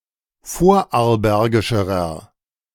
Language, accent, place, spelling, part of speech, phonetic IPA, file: German, Germany, Berlin, vorarlbergischerer, adjective, [ˈfoːɐ̯ʔaʁlˌbɛʁɡɪʃəʁɐ], De-vorarlbergischerer.ogg
- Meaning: inflection of vorarlbergisch: 1. strong/mixed nominative masculine singular comparative degree 2. strong genitive/dative feminine singular comparative degree